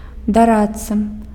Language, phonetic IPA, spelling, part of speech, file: Belarusian, [daˈratː͡sa], дарадца, noun, Be-дарадца.ogg
- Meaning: advisor, counselor